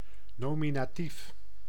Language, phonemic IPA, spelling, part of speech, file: Dutch, /ˌnoːminaːˈtif/, nominatief, adjective / noun, Nl-nominatief.ogg
- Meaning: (adjective) nominative, nominal (giving a name, listed by name; naming, designating); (noun) nominative case